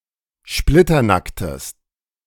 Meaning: strong/mixed nominative/accusative neuter singular of splitternackt
- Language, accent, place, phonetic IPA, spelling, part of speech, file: German, Germany, Berlin, [ˈʃplɪtɐˌnaktəs], splitternacktes, adjective, De-splitternacktes.ogg